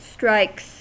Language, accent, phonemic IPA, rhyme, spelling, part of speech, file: English, US, /stɹaɪks/, -aɪks, strikes, noun / verb, En-us-strikes.ogg
- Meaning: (noun) plural of strike; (verb) third-person singular simple present indicative of strike